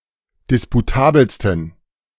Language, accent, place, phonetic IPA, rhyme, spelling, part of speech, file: German, Germany, Berlin, [ˌdɪspuˈtaːbl̩stn̩], -aːbl̩stn̩, disputabelsten, adjective, De-disputabelsten.ogg
- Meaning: 1. superlative degree of disputabel 2. inflection of disputabel: strong genitive masculine/neuter singular superlative degree